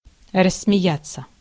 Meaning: to burst out laughing, to start laughing
- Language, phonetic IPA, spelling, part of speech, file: Russian, [rəsːmʲɪˈjat͡sːə], рассмеяться, verb, Ru-рассмеяться.ogg